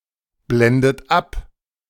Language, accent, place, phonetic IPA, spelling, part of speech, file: German, Germany, Berlin, [ˌblɛndət ˈap], blendet ab, verb, De-blendet ab.ogg
- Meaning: inflection of abblenden: 1. third-person singular present 2. second-person plural present 3. second-person plural subjunctive I 4. plural imperative